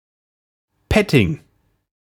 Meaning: petting (kissing, stroking, etc., in a sexual manner)
- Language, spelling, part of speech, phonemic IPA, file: German, Petting, noun, /ˈpɛtɪŋ/, De-Petting.ogg